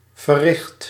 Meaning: 1. inflection of verrichten: first/second/third-person singular present indicative 2. inflection of verrichten: imperative 3. past participle of verrichten
- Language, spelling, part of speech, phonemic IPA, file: Dutch, verricht, verb / adjective, /vəˈrɪxt/, Nl-verricht.ogg